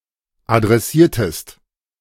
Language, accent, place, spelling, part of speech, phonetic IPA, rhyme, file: German, Germany, Berlin, adressiertest, verb, [adʁɛˈsiːɐ̯təst], -iːɐ̯təst, De-adressiertest.ogg
- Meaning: inflection of adressieren: 1. second-person singular preterite 2. second-person singular subjunctive II